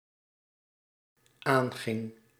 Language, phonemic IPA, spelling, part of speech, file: Dutch, /ˈaŋɣɪŋ/, aanging, verb, Nl-aanging.ogg
- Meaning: singular dependent-clause past indicative of aangaan